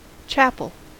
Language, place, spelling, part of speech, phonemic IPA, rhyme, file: English, California, chapel, noun / adjective / verb, /ˈt͡ʃæp.əl/, -æpəl, En-us-chapel.ogg
- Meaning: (noun) A place of worship, smaller than or subordinate to a church